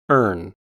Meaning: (noun) 1. A sea eagle (Haliaeetus), especially the white-tailed eagle (Haliaeetus albicilla) 2. An eagle; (verb) To long; to yearn
- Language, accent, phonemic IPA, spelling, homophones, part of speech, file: English, US, /ɝːn/, erne, earn / ern / urn, noun / verb, En-us-erne.ogg